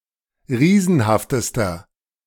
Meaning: inflection of riesenhaft: 1. strong/mixed nominative masculine singular superlative degree 2. strong genitive/dative feminine singular superlative degree 3. strong genitive plural superlative degree
- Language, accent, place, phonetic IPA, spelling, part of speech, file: German, Germany, Berlin, [ˈʁiːzn̩haftəstɐ], riesenhaftester, adjective, De-riesenhaftester.ogg